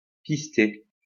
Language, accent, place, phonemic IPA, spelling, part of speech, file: French, France, Lyon, /pis.te/, pister, verb, LL-Q150 (fra)-pister.wav
- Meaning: 1. to track (an animal) 2. to track (a person)